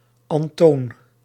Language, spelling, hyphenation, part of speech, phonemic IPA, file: Dutch, Antoon, An‧toon, proper noun, /ˌɑnˈtoːn/, Nl-Antoon.ogg
- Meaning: a male given name, equivalent to English Anthony